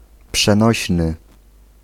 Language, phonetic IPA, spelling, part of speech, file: Polish, [pʃɛ̃ˈnɔɕnɨ], przenośny, adjective, Pl-przenośny.ogg